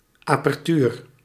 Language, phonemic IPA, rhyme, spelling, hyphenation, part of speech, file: Dutch, /ˌaː.pɛrˈtyːr/, -yːr, apertuur, aper‧tuur, noun, Nl-apertuur.ogg
- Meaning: aperture